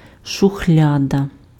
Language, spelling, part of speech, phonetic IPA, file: Ukrainian, шухляда, noun, [ʃʊˈxlʲadɐ], Uk-шухляда.ogg
- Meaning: drawer (open-topped box in a cabinet used for storing)